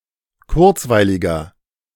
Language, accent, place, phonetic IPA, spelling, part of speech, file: German, Germany, Berlin, [ˈkʊʁt͡svaɪ̯lɪɡɐ], kurzweiliger, adjective, De-kurzweiliger.ogg
- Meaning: 1. comparative degree of kurzweilig 2. inflection of kurzweilig: strong/mixed nominative masculine singular 3. inflection of kurzweilig: strong genitive/dative feminine singular